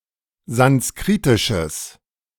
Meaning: strong/mixed nominative/accusative neuter singular of sanskritisch
- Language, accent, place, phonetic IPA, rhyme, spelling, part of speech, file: German, Germany, Berlin, [zansˈkʁiːtɪʃəs], -iːtɪʃəs, sanskritisches, adjective, De-sanskritisches.ogg